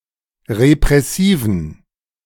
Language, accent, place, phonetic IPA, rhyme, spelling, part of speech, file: German, Germany, Berlin, [ʁepʁɛˈsiːvn̩], -iːvn̩, repressiven, adjective, De-repressiven.ogg
- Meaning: inflection of repressiv: 1. strong genitive masculine/neuter singular 2. weak/mixed genitive/dative all-gender singular 3. strong/weak/mixed accusative masculine singular 4. strong dative plural